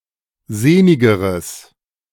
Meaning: strong/mixed nominative/accusative neuter singular comparative degree of sehnig
- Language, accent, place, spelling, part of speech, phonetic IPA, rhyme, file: German, Germany, Berlin, sehnigeres, adjective, [ˈzeːnɪɡəʁəs], -eːnɪɡəʁəs, De-sehnigeres.ogg